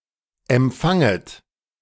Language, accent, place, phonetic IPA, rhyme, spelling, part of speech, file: German, Germany, Berlin, [ɛmˈp͡faŋət], -aŋət, empfanget, verb, De-empfanget.ogg
- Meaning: second-person plural subjunctive I of empfangen